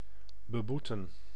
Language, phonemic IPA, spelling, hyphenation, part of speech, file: Dutch, /bəˈbu.tə(n)/, beboeten, be‧boe‧ten, verb, Nl-beboeten.ogg
- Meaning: to fine, penalise financially (an offender or offense)